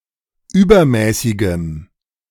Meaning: strong dative masculine/neuter singular of übermäßig
- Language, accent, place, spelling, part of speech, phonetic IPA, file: German, Germany, Berlin, übermäßigem, adjective, [ˈyːbɐˌmɛːsɪɡəm], De-übermäßigem.ogg